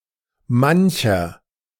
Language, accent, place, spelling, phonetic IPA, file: German, Germany, Berlin, mancher, [ˈmançɐ], De-mancher.ogg
- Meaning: inflection of manch: 1. nominative masculine singular 2. genitive/dative feminine singular 3. genitive plural